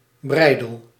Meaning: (noun) bridle; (verb) inflection of breidelen: 1. first-person singular present indicative 2. second-person singular present indicative 3. imperative
- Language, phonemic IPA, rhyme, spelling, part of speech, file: Dutch, /ˈbrɛi̯dəl/, -ɛi̯dəl, breidel, noun / verb, Nl-breidel.ogg